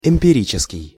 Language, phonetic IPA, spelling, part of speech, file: Russian, [ɪm⁽ʲ⁾pʲɪˈrʲit͡ɕɪskʲɪj], эмпирический, adjective, Ru-эмпирический.ogg
- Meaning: empiric, empirical